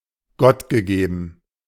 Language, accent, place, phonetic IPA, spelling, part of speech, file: German, Germany, Berlin, [ˈɡɔtɡəˌɡeːbn̩], gottgegeben, adjective, De-gottgegeben.ogg
- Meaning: God-given